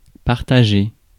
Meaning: 1. to share 2. to divide up 3. to divide 4. to share out
- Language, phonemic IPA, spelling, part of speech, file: French, /paʁ.ta.ʒe/, partager, verb, Fr-partager.ogg